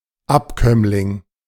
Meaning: 1. descendant 2. derivative
- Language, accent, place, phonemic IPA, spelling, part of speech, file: German, Germany, Berlin, /ˈapkœmlɪŋ/, Abkömmling, noun, De-Abkömmling.ogg